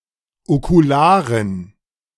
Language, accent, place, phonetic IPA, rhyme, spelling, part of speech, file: German, Germany, Berlin, [okuˈlaːʁən], -aːʁən, okularen, adjective, De-okularen.ogg
- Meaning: inflection of okular: 1. strong genitive masculine/neuter singular 2. weak/mixed genitive/dative all-gender singular 3. strong/weak/mixed accusative masculine singular 4. strong dative plural